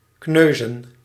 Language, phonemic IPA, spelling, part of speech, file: Dutch, /ˈknøː.zə(n)/, kneuzen, verb / noun, Nl-kneuzen.ogg
- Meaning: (verb) to bruise; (noun) plural of kneus